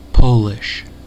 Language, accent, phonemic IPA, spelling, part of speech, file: English, US, /ˈpoʊlɪʃ/, Polish, adjective / noun, En-us-Polish.ogg
- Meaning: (adjective) Of, from or native to Poland, or relating to the Polish language; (noun) 1. The language spoken in Poland 2. A breed of chickens with a large crest of feathers